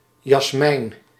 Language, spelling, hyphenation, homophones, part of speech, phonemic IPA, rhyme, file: Dutch, Jasmijn, Jas‧mijn, jasmijn, proper noun, /jɑsˈmɛi̯n/, -ɛi̯n, Nl-Jasmijn.ogg
- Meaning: a female given name